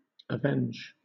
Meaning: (verb) 1. To take vengeance (for); to exact satisfaction for by punishing the injuring party; to vindicate by inflicting pain or evil on a wrongdoer 2. To revenge oneself (on or upon someone)
- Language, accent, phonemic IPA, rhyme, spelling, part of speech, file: English, Southern England, /əˈvɛnd͡ʒ/, -ɛndʒ, avenge, verb / noun, LL-Q1860 (eng)-avenge.wav